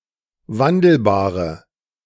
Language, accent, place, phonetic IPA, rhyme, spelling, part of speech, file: German, Germany, Berlin, [ˈvandl̩baːʁə], -andl̩baːʁə, wandelbare, adjective, De-wandelbare.ogg
- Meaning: inflection of wandelbar: 1. strong/mixed nominative/accusative feminine singular 2. strong nominative/accusative plural 3. weak nominative all-gender singular